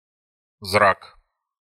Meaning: look, glance
- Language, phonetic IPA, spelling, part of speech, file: Russian, [zrak], зрак, noun, Ru-зрак.ogg